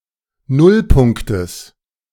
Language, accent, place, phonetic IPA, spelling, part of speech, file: German, Germany, Berlin, [ˈnʊlˌpʊŋktəs], Nullpunktes, noun, De-Nullpunktes.ogg
- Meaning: genitive singular of Nullpunkt